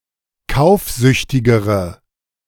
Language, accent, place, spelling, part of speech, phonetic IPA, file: German, Germany, Berlin, kaufsüchtigere, adjective, [ˈkaʊ̯fˌzʏçtɪɡəʁə], De-kaufsüchtigere.ogg
- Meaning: inflection of kaufsüchtig: 1. strong/mixed nominative/accusative feminine singular comparative degree 2. strong nominative/accusative plural comparative degree